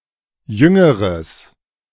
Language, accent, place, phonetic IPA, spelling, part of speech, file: German, Germany, Berlin, [ˈjʏŋəʁəs], jüngeres, adjective, De-jüngeres.ogg
- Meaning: strong/mixed nominative/accusative neuter singular comparative degree of jung